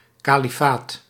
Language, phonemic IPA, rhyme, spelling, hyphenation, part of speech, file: Dutch, /ˌkaː.liˈfaːt/, -aːt, kalifaat, ka‧li‧faat, noun, Nl-kalifaat.ogg
- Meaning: caliphate